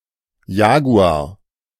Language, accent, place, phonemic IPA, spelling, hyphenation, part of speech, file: German, Germany, Berlin, /ˈjaːɡu̯aːr/, Jaguar, Ja‧gu‧ar, noun, De-Jaguar.ogg
- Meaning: jaguar (Panthera onca)